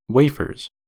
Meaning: plural of wafer
- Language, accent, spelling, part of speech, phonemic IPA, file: English, US, wafers, noun, /ˈweɪ.fɚz/, En-us-wafers.ogg